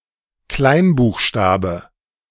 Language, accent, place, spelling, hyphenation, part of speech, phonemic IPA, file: German, Germany, Berlin, Kleinbuchstabe, Klein‧buch‧sta‧be, noun, /ˈklaɪ̯nbuːxˌʃtaːbə/, De-Kleinbuchstabe.ogg
- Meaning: minuscule letter, lowercase letter